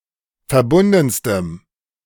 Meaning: strong dative masculine/neuter singular superlative degree of verbunden
- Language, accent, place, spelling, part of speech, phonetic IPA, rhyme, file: German, Germany, Berlin, verbundenstem, adjective, [fɛɐ̯ˈbʊndn̩stəm], -ʊndn̩stəm, De-verbundenstem.ogg